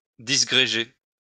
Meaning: "(opt.) (l.u.) to scatter, to separate, to disperse"
- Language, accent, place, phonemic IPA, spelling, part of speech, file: French, France, Lyon, /dis.ɡʁe.ʒe/, disgréger, verb, LL-Q150 (fra)-disgréger.wav